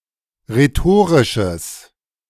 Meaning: strong/mixed nominative/accusative neuter singular of rhetorisch
- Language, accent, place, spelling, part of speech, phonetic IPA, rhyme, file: German, Germany, Berlin, rhetorisches, adjective, [ʁeˈtoːʁɪʃəs], -oːʁɪʃəs, De-rhetorisches.ogg